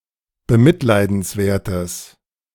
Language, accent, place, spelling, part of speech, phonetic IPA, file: German, Germany, Berlin, bemitleidenswertes, adjective, [bəˈmɪtlaɪ̯dn̩sˌvɛɐ̯təs], De-bemitleidenswertes.ogg
- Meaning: strong/mixed nominative/accusative neuter singular of bemitleidenswert